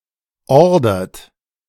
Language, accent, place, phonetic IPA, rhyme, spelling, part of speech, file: German, Germany, Berlin, [ˈɔʁdɐt], -ɔʁdɐt, ordert, verb, De-ordert.ogg
- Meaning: inflection of ordern: 1. third-person singular present 2. second-person plural present 3. plural imperative